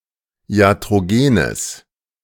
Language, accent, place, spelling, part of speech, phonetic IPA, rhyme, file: German, Germany, Berlin, iatrogenes, adjective, [i̯atʁoˈɡeːnəs], -eːnəs, De-iatrogenes.ogg
- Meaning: strong/mixed nominative/accusative neuter singular of iatrogen